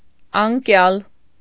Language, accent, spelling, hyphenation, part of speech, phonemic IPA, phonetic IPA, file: Armenian, Eastern Armenian, անկյալ, ան‧կյալ, adjective, /ɑnˈkjɑl/, [ɑŋkjɑ́l], Hy-անկյալ.ogg
- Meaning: 1. fallen 2. homeless, deprived of shelter 3. powerless, weak, feeble 4. sick; invalid, disabled 5. lazy (behaving like a sick person)